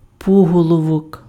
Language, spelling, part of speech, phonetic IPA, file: Ukrainian, пуголовок, noun, [ˈpuɦɔɫɔwɔk], Uk-пуголовок.ogg
- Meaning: tadpole